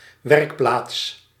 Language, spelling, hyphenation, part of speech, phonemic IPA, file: Dutch, werkplaats, werk‧plaats, noun, /ˈʋɛrk.plaːts/, Nl-werkplaats.ogg
- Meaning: 1. workshop 2. a Masonic lodge